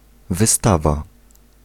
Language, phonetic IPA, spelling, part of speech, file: Polish, [vɨˈstava], wystawa, noun, Pl-wystawa.ogg